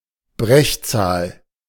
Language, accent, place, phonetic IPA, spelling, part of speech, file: German, Germany, Berlin, [ˈbʁɛçˌt͡saːl], Brechzahl, noun, De-Brechzahl.ogg
- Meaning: refractive index